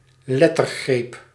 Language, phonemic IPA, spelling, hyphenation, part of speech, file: Dutch, /ˈlɛ.tərˌɣreːp/, lettergreep, let‧ter‧greep, noun, Nl-lettergreep.ogg
- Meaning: syllable